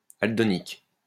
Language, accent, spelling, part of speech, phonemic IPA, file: French, France, aldonique, adjective, /al.dɔ.nik/, LL-Q150 (fra)-aldonique.wav
- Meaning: aldonic